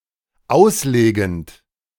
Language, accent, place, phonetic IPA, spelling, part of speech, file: German, Germany, Berlin, [ˈaʊ̯sˌleːɡn̩t], auslegend, verb, De-auslegend.ogg
- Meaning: present participle of auslegen